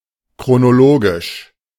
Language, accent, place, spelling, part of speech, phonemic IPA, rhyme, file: German, Germany, Berlin, chronologisch, adjective, /kʁonoˈloːɡɪʃ/, -oːɡɪʃ, De-chronologisch.ogg
- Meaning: chronological, chronologic